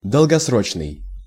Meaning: long-dated, long-range, long-term
- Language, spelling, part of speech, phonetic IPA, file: Russian, долгосрочный, adjective, [dəɫɡɐsˈrot͡ɕnɨj], Ru-долгосрочный.ogg